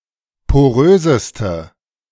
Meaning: inflection of porös: 1. strong/mixed nominative/accusative feminine singular superlative degree 2. strong nominative/accusative plural superlative degree
- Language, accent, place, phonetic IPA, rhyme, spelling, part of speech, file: German, Germany, Berlin, [poˈʁøːzəstə], -øːzəstə, poröseste, adjective, De-poröseste.ogg